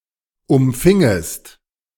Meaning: second-person singular subjunctive II of umfangen
- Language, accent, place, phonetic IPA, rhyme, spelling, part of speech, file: German, Germany, Berlin, [ʊmˈfɪŋəst], -ɪŋəst, umfingest, verb, De-umfingest.ogg